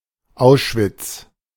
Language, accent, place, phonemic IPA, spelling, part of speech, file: German, Germany, Berlin, /ˈaʊ̯ʃvɪts/, Auschwitz, proper noun, De-Auschwitz.ogg
- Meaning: 1. Oświęcim, Auschwitz (a town in Lesser Poland Voivodeship, Poland) 2. the World War II concentration camp located nearby